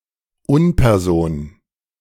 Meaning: nonperson
- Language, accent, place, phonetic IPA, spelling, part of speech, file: German, Germany, Berlin, [ˈʊnpɛʁˌzoːn], Unperson, noun, De-Unperson.ogg